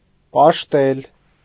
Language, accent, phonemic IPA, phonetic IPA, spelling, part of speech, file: Armenian, Eastern Armenian, /pɑʃˈtel/, [pɑʃtél], պաշտել, verb, Hy-պաշտել.ogg
- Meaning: 1. to worship 2. to adore